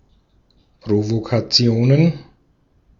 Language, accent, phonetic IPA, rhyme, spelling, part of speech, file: German, Austria, [pʁovokaˈt͡si̯oːnən], -oːnən, Provokationen, noun, De-at-Provokationen.ogg
- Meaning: plural of Provokation